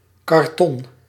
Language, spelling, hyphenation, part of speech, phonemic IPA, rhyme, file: Dutch, karton, kar‧ton, noun, /kɑrˈtɔn/, -ɔn, Nl-karton.ogg
- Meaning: 1. cardboard, paperboard 2. cardboard package